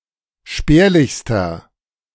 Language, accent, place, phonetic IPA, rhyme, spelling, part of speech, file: German, Germany, Berlin, [ˈʃpɛːɐ̯lɪçstɐ], -ɛːɐ̯lɪçstɐ, spärlichster, adjective, De-spärlichster.ogg
- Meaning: inflection of spärlich: 1. strong/mixed nominative masculine singular superlative degree 2. strong genitive/dative feminine singular superlative degree 3. strong genitive plural superlative degree